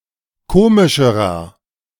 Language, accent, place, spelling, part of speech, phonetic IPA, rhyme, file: German, Germany, Berlin, komischerer, adjective, [ˈkoːmɪʃəʁɐ], -oːmɪʃəʁɐ, De-komischerer.ogg
- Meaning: inflection of komisch: 1. strong/mixed nominative masculine singular comparative degree 2. strong genitive/dative feminine singular comparative degree 3. strong genitive plural comparative degree